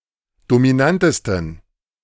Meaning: 1. superlative degree of dominant 2. inflection of dominant: strong genitive masculine/neuter singular superlative degree
- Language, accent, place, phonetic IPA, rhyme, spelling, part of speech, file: German, Germany, Berlin, [domiˈnantəstn̩], -antəstn̩, dominantesten, adjective, De-dominantesten.ogg